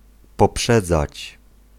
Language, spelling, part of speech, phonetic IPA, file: Polish, poprzedzać, verb, [pɔˈpʃɛd͡zat͡ɕ], Pl-poprzedzać.ogg